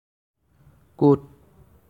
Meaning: where (interrogative)
- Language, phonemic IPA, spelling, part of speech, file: Assamese, /kot/, ক’ত, adverb, As-ক’ত.ogg